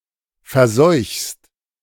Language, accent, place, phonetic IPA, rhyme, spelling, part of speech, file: German, Germany, Berlin, [fɛɐ̯ˈzɔɪ̯çst], -ɔɪ̯çst, verseuchst, verb, De-verseuchst.ogg
- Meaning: second-person singular present of verseuchen